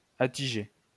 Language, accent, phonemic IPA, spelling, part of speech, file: French, France, /a.ti.ʒe/, attiger, verb, LL-Q150 (fra)-attiger.wav
- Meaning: to exaggerate